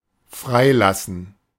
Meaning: to release, to free
- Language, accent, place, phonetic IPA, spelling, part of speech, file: German, Germany, Berlin, [ˈfʁaɪ̯ˌlasn̩], freilassen, verb, De-freilassen.ogg